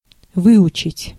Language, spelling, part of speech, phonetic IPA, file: Russian, выучить, verb, [ˈvɨʊt͡ɕɪtʲ], Ru-выучить.ogg
- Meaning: 1. to learn (to completion, typically something involving rote memorisation) 2. to memorize